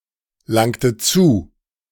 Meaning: inflection of zulangen: 1. second-person plural preterite 2. second-person plural subjunctive II
- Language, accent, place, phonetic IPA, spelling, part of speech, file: German, Germany, Berlin, [ˌlaŋtət ˈt͡suː], langtet zu, verb, De-langtet zu.ogg